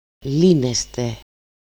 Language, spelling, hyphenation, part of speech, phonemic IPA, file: Greek, λύνεστε, λύ‧νε‧στε, verb, /ˈlineste/, El-λύνεστε.ogg
- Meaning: 1. second-person plural present passive indicative of λύνω (lýno) 2. second-person plural present passive imperfective imperative of λύνω (lýno)